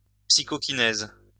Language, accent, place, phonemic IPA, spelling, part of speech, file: French, France, Lyon, /psi.kɔ.ki.nɛz/, psychokinèse, noun, LL-Q150 (fra)-psychokinèse.wav
- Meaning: psychokinesis